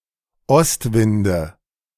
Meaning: nominative/accusative/genitive plural of Ostwind
- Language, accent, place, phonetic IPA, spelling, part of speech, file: German, Germany, Berlin, [ˈɔstˌvɪndə], Ostwinde, noun, De-Ostwinde.ogg